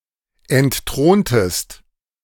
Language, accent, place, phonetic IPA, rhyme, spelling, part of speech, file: German, Germany, Berlin, [ɛntˈtʁoːntəst], -oːntəst, entthrontest, verb, De-entthrontest.ogg
- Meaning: inflection of entthronen: 1. second-person singular preterite 2. second-person singular subjunctive II